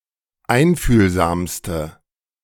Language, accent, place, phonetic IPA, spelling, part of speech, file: German, Germany, Berlin, [ˈaɪ̯nfyːlzaːmstə], einfühlsamste, adjective, De-einfühlsamste.ogg
- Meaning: inflection of einfühlsam: 1. strong/mixed nominative/accusative feminine singular superlative degree 2. strong nominative/accusative plural superlative degree